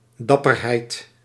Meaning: courage, braveness as a virtue
- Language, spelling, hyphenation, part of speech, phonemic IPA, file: Dutch, dapperheid, dap‧per‧heid, noun, /ˈdɑ.pərˌɦɛi̯t/, Nl-dapperheid.ogg